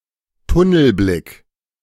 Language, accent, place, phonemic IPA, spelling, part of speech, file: German, Germany, Berlin, /ˈtʊnl̩ˌblɪk/, Tunnelblick, noun, De-Tunnelblick.ogg
- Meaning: tunnel vision